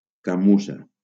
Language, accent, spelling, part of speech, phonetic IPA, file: Catalan, Valencia, camussa, noun, [kaˈmu.sa], LL-Q7026 (cat)-camussa.wav
- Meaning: chamois